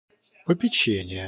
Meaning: care
- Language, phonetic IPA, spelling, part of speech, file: Russian, [pəpʲɪˈt͡ɕenʲɪje], попечение, noun, Ru-попечение.ogg